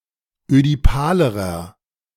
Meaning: inflection of ödipal: 1. strong/mixed nominative masculine singular comparative degree 2. strong genitive/dative feminine singular comparative degree 3. strong genitive plural comparative degree
- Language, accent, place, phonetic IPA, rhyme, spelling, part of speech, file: German, Germany, Berlin, [ødiˈpaːləʁɐ], -aːləʁɐ, ödipalerer, adjective, De-ödipalerer.ogg